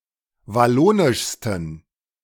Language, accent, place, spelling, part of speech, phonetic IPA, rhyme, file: German, Germany, Berlin, wallonischsten, adjective, [vaˈloːnɪʃstn̩], -oːnɪʃstn̩, De-wallonischsten.ogg
- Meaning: 1. superlative degree of wallonisch 2. inflection of wallonisch: strong genitive masculine/neuter singular superlative degree